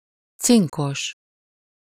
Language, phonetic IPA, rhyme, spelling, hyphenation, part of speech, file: Hungarian, [ˈt͡siŋkoʃ], -oʃ, cinkos, cin‧kos, noun, Hu-cinkos.ogg
- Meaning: accomplice (an associate in the commission of a crime)